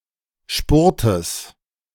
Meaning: genitive singular of Spurt
- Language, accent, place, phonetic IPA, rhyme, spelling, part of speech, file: German, Germany, Berlin, [ˈʃpʊʁtəs], -ʊʁtəs, Spurtes, noun, De-Spurtes.ogg